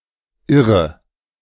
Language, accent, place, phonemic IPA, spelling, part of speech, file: German, Germany, Berlin, /ˈʔɪʁə/, Irre, noun, De-Irre.ogg
- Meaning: 1. the state of being wrong: now only in adverbial phrase in die Irre 2. female equivalent of Irrer: lunatic, madwoman